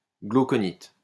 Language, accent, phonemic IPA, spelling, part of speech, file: French, France, /ɡlo.kɔ.nit/, glauconite, noun, LL-Q150 (fra)-glauconite.wav
- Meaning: glauconite